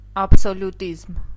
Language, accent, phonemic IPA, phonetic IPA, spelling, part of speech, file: Armenian, Eastern Armenian, /ɑbsoljuˈtizm/, [ɑbsoljutízm], աբսոլյուտիզմ, noun, Hy-աբսոլյուտիզմ.ogg
- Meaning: absolutism